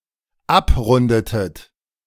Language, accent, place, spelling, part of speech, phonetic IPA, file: German, Germany, Berlin, abrundetet, verb, [ˈapˌʁʊndətət], De-abrundetet.ogg
- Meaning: inflection of abrunden: 1. second-person plural dependent preterite 2. second-person plural dependent subjunctive II